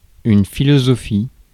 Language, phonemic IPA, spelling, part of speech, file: French, /fi.lɔ.zɔ.fi/, philosophie, noun, Fr-philosophie.ogg
- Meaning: 1. philosophy, the study of thoughts 2. philosophy, one's manner of thinking 3. small pica: 11-point type 4. a philosophical (calm and stoically accepting) attitude